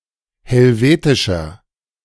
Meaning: inflection of helvetisch: 1. strong/mixed nominative masculine singular 2. strong genitive/dative feminine singular 3. strong genitive plural
- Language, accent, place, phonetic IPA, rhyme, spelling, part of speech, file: German, Germany, Berlin, [hɛlˈveːtɪʃɐ], -eːtɪʃɐ, helvetischer, adjective, De-helvetischer.ogg